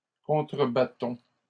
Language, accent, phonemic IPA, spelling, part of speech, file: French, Canada, /kɔ̃.tʁə.ba.tɔ̃/, contrebattons, verb, LL-Q150 (fra)-contrebattons.wav
- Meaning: inflection of contrebattre: 1. first-person plural present indicative 2. first-person plural imperative